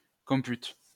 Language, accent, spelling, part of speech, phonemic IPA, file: French, France, comput, noun, /kɔ̃.pyt/, LL-Q150 (fra)-comput.wav
- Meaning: computus